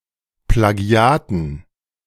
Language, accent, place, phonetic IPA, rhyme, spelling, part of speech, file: German, Germany, Berlin, [plaˈɡi̯aːtn̩], -aːtn̩, Plagiaten, noun, De-Plagiaten.ogg
- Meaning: dative plural of Plagiat